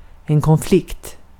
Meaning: conflict (clash or disagreement)
- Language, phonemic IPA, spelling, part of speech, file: Swedish, /kɔnˈflɪkt/, konflikt, noun, Sv-konflikt.ogg